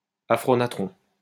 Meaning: natrite
- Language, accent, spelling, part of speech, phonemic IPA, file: French, France, aphronatron, noun, /a.fʁɔ.na.tʁɔ̃/, LL-Q150 (fra)-aphronatron.wav